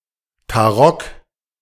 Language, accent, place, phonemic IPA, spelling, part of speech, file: German, Germany, Berlin, /taˈʁɔk/, Tarock, noun, De-Tarock.ogg
- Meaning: 1. tarot cards 2. A game played with tarot cards